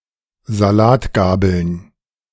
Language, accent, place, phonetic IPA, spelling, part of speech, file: German, Germany, Berlin, [zaˈlaːtˌɡaːbl̩n], Salatgabeln, noun, De-Salatgabeln.ogg
- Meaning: plural of Salatgabel